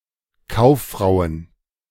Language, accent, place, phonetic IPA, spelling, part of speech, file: German, Germany, Berlin, [ˈkaʊ̯fˌfʁaʊ̯ən], Kauffrauen, noun, De-Kauffrauen.ogg
- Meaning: plural of Kauffrau